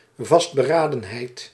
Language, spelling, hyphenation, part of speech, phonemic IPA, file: Dutch, vastberadenheid, vast‧be‧ra‧den‧heid, noun, /ˌvɑst.bəˈraː.də(n).ɦɛi̯t/, Nl-vastberadenheid.ogg
- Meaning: determination, resoluteness